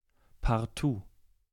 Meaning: at all costs, absolutely
- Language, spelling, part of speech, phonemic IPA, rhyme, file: German, partout, adverb, /parˈtuː/, -uː, De-partout.ogg